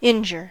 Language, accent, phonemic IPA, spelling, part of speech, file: English, US, /ˈɪn.d͡ʒɚ/, injure, verb, En-us-injure.ogg
- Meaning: 1. To wound or cause physical harm to a living creature 2. To damage or impair 3. To do injustice to